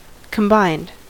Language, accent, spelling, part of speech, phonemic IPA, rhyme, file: English, US, combined, adjective / verb / noun, /kəmˈbaɪnd/, -aɪnd, En-us-combined.ogg
- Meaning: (adjective) Resulting from the addition of several sources, parts, elements, aspects, etc. united together; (verb) simple past and past participle of combine; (noun) Ellipsis of alpine combined